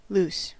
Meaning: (verb) 1. To let loose, to free from restraints 2. To unfasten, to loosen 3. To make less tight, to loosen 4. Of a grip or hold, to let go 5. To shoot (an arrow) 6. To set sail
- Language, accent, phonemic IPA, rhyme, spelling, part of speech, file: English, US, /lus/, -uːs, loose, verb / adjective / noun / interjection, En-us-loose.ogg